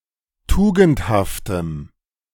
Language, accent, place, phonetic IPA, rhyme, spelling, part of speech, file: German, Germany, Berlin, [ˈtuːɡn̩thaftəm], -uːɡn̩thaftəm, tugendhaftem, adjective, De-tugendhaftem.ogg
- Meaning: strong dative masculine/neuter singular of tugendhaft